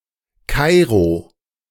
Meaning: 1. Cairo (the capital city of Egypt) 2. Cairo (a governorate of Egypt)
- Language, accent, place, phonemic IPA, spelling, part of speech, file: German, Germany, Berlin, /ˈkaɪ̯ʁo/, Kairo, proper noun, De-Kairo.ogg